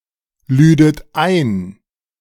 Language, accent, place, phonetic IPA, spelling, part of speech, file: German, Germany, Berlin, [ˌlyːdət ˈaɪ̯n], lüdet ein, verb, De-lüdet ein.ogg
- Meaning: second-person plural subjunctive II of einladen